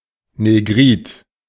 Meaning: negroid (of the negroid race)
- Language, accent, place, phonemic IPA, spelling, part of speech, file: German, Germany, Berlin, /neˈɡʁiːt/, negrid, adjective, De-negrid.ogg